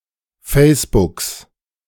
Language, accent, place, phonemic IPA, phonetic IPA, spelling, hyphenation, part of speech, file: German, Germany, Berlin, /ˈfeːs.bʊks/, [ˈfeːs.b̥ʊks], Facebooks, Face‧books, noun, De-Facebooks.ogg
- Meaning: genitive singular of Facebook